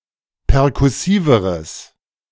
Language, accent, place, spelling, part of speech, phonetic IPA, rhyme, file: German, Germany, Berlin, perkussiveres, adjective, [pɛʁkʊˈsiːvəʁəs], -iːvəʁəs, De-perkussiveres.ogg
- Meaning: strong/mixed nominative/accusative neuter singular comparative degree of perkussiv